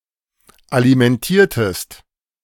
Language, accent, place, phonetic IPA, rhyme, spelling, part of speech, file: German, Germany, Berlin, [alimɛnˈtiːɐ̯təst], -iːɐ̯təst, alimentiertest, verb, De-alimentiertest.ogg
- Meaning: inflection of alimentieren: 1. second-person singular preterite 2. second-person singular subjunctive II